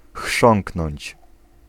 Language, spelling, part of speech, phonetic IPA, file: Polish, chrząknąć, verb, [ˈxʃɔ̃ŋknɔ̃ɲt͡ɕ], Pl-chrząknąć.ogg